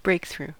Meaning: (adjective) Characterized by major progress or overcoming some obstacle
- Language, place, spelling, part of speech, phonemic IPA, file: English, California, breakthrough, adjective / noun, /ˈbɹeɪk.θɹu/, En-us-breakthrough.ogg